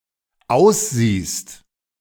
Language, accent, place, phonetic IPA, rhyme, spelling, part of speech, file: German, Germany, Berlin, [ˈaʊ̯sˌziːst], -aʊ̯sziːst, aussiehst, verb, De-aussiehst.ogg
- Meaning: second-person singular dependent present of aussehen